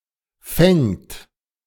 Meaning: third-person singular present of fangen
- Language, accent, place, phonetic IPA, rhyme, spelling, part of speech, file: German, Germany, Berlin, [fɛŋt], -ɛŋt, fängt, verb, De-fängt.ogg